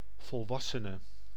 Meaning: an adult, a full-grown human or animal
- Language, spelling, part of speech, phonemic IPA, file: Dutch, volwassene, noun, /vɔlˈʋɑsənə/, Nl-volwassene.ogg